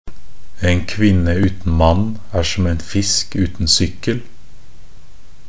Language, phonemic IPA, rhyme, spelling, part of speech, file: Norwegian Bokmål, /ən ˈkʋɪnːə ˈʉːtn̩ manː æːr sɔm ən fɪsk ˈʉːtn̩ sʏkːəl/, -əl, en kvinne uten mann er som en fisk uten sykkel, phrase, Nb-en kvinne uten mann er som en fisk uten sykkel.ogg
- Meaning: a woman without a man is like a fish without a bicycle (a woman is capable of living a complete and independent life without a man)